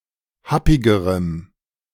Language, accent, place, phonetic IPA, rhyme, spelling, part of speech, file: German, Germany, Berlin, [ˈhapɪɡəʁəm], -apɪɡəʁəm, happigerem, adjective, De-happigerem.ogg
- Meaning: strong dative masculine/neuter singular comparative degree of happig